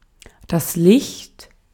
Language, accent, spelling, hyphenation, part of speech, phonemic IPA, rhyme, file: German, Austria, Licht, Licht, noun, /lɪçt/, -ɪçt, De-at-Licht.ogg
- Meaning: 1. light (electromagnetic radiation in the visible spectrum) 2. light (a light source, often artificial) 3. light (a light source, often artificial): candle 4. eye of game, especially ground game